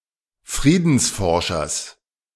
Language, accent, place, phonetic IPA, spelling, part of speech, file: German, Germany, Berlin, [ˈfʁiːdn̩sˌfɔʁʃɐs], Friedensforschers, noun, De-Friedensforschers.ogg
- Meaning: genitive singular of Friedensforscher